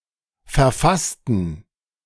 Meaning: inflection of verfasst: 1. strong genitive masculine/neuter singular 2. weak/mixed genitive/dative all-gender singular 3. strong/weak/mixed accusative masculine singular 4. strong dative plural
- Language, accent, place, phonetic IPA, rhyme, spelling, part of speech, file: German, Germany, Berlin, [fɛɐ̯ˈfastn̩], -astn̩, verfassten, adjective / verb, De-verfassten.ogg